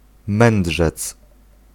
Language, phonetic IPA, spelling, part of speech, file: Polish, [ˈmɛ̃nḍʒɛt͡s], mędrzec, noun, Pl-mędrzec.ogg